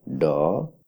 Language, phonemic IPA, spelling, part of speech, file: Odia, /ɖɔ/, ଡ, character, Or-ଡ.oga
- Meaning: The twenty-fifth character in the Odia abugida